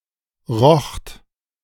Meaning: second-person plural preterite of riechen
- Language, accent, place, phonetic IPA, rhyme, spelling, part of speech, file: German, Germany, Berlin, [ʁɔxt], -ɔxt, rocht, verb, De-rocht.ogg